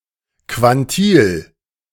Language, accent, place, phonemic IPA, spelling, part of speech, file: German, Germany, Berlin, /kvanˈtiːl/, Quantil, noun, De-Quantil.ogg
- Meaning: quantile